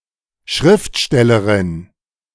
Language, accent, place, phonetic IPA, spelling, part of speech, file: German, Germany, Berlin, [ˈʃʁɪftˌʃtɛləʁɪn], Schriftstellerin, noun, De-Schriftstellerin.ogg
- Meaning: authoress (female writer)